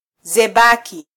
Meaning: Mercury (planet)
- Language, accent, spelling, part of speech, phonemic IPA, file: Swahili, Kenya, Zebaki, proper noun, /zɛˈɓɑ.ki/, Sw-ke-Zebaki.flac